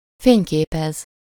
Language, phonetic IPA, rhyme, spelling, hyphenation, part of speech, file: Hungarian, [ˈfeːɲkeːpɛz], -ɛz, fényképez, fény‧ké‧pez, verb, Hu-fényképez.ogg
- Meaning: 1. to photograph (to take a photograph) 2. to act as director of photography (cinematographer)